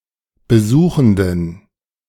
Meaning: inflection of besuchend: 1. strong genitive masculine/neuter singular 2. weak/mixed genitive/dative all-gender singular 3. strong/weak/mixed accusative masculine singular 4. strong dative plural
- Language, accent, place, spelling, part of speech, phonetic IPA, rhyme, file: German, Germany, Berlin, besuchenden, adjective, [bəˈzuːxn̩dən], -uːxn̩dən, De-besuchenden.ogg